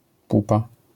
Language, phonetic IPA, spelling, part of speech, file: Polish, [ˈpupa], pupa, noun, LL-Q809 (pol)-pupa.wav